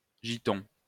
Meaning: male (homosexual) prostitute
- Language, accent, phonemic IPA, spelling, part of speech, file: French, France, /ʒi.tɔ̃/, giton, noun, LL-Q150 (fra)-giton.wav